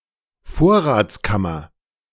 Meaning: pantry
- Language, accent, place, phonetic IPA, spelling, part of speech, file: German, Germany, Berlin, [ˈfoːɐ̯ʁaːt͡sˌkamɐ], Vorratskammer, noun, De-Vorratskammer.ogg